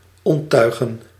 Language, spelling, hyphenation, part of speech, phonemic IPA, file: Dutch, onttuigen, ont‧tui‧gen, verb, /ˌɔntˈtœy̯.ɣə(n)/, Nl-onttuigen.ogg
- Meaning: to unrig